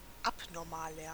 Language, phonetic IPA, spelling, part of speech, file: German, [ˈapnɔʁmaːlɐ], abnormaler, adjective, De-abnormaler.ogg
- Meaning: 1. comparative degree of abnormal 2. inflection of abnormal: strong/mixed nominative masculine singular 3. inflection of abnormal: strong genitive/dative feminine singular